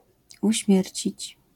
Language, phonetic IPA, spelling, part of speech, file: Polish, [uɕˈmʲjɛrʲt͡ɕit͡ɕ], uśmiercić, verb, LL-Q809 (pol)-uśmiercić.wav